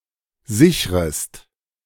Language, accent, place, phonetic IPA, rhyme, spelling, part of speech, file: German, Germany, Berlin, [ˈzɪçʁəst], -ɪçʁəst, sichrest, verb, De-sichrest.ogg
- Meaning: second-person singular subjunctive I of sichern